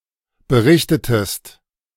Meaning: inflection of berichten: 1. second-person singular preterite 2. second-person singular subjunctive II
- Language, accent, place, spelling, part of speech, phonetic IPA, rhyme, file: German, Germany, Berlin, berichtetest, verb, [bəˈʁɪçtətəst], -ɪçtətəst, De-berichtetest.ogg